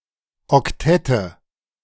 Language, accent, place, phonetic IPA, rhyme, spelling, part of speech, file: German, Germany, Berlin, [ɔkˈtɛtə], -ɛtə, Oktette, noun, De-Oktette.ogg
- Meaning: nominative/accusative/genitive plural of Oktett